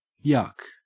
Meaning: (interjection) An exuberant laugh; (noun) Something, such as a joke, that causes such a laugh; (verb) To laugh exuberantly; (interjection) Alternative spelling of yuck (disgust)
- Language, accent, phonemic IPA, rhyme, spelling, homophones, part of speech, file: English, Australia, /jʌk/, -ʌk, yuk, yuck, interjection / noun / verb, En-au-yuk.ogg